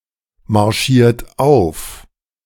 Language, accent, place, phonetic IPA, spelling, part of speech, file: German, Germany, Berlin, [maʁˌʃiːɐ̯t ˈaʊ̯f], marschiert auf, verb, De-marschiert auf.ogg
- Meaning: 1. past participle of aufmarschieren 2. inflection of aufmarschieren: second-person plural present 3. inflection of aufmarschieren: third-person singular present